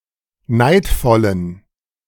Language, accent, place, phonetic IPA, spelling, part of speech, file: German, Germany, Berlin, [ˈnaɪ̯tfɔlən], neidvollen, adjective, De-neidvollen.ogg
- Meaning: inflection of neidvoll: 1. strong genitive masculine/neuter singular 2. weak/mixed genitive/dative all-gender singular 3. strong/weak/mixed accusative masculine singular 4. strong dative plural